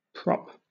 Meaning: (noun) 1. An object placed against or under another, to support it; anything that supports 2. The player on either side of the hooker in a scrum 3. Any of the seashells in the game of props
- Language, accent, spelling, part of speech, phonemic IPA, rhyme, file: English, Southern England, prop, noun / verb, /pɹɒp/, -ɒp, LL-Q1860 (eng)-prop.wav